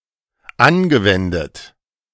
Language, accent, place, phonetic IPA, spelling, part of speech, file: German, Germany, Berlin, [ˈanɡəˌvɛndət], angewendet, verb, De-angewendet.ogg
- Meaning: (verb) past participle of anwenden; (adjective) applied